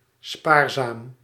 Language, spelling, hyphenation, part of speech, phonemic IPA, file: Dutch, spaarzaam, spaar‧zaam, adjective / adverb, /ˈspaːr.zaːm/, Nl-spaarzaam.ogg
- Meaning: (adjective) sparing, frugal, thrifty; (adverb) sparingly, frugally, thriftly